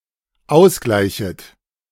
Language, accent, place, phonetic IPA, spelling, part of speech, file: German, Germany, Berlin, [ˈaʊ̯sˌɡlaɪ̯çət], ausgleichet, verb, De-ausgleichet.ogg
- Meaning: second-person plural dependent subjunctive I of ausgleichen